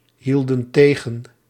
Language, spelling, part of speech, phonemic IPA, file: Dutch, hielden tegen, verb, /ˈhildə(n) ˈteɣə(n)/, Nl-hielden tegen.ogg
- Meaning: inflection of tegenhouden: 1. plural past indicative 2. plural past subjunctive